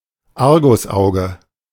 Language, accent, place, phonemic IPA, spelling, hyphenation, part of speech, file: German, Germany, Berlin, /ˈaʁɡʊsˌʔaʊ̯ɡə/, Argusauge, Ar‧gus‧au‧ge, noun, De-Argusauge.ogg
- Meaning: eagle eye